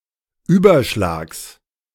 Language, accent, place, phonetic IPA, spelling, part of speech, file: German, Germany, Berlin, [ˈyːbɐˌʃlaːks], Überschlags, noun, De-Überschlags.ogg
- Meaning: genitive singular of Überschlag